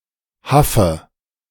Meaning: nominative/accusative/genitive plural of Haff
- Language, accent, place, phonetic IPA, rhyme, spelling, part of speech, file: German, Germany, Berlin, [ˈhafə], -afə, Haffe, noun, De-Haffe.ogg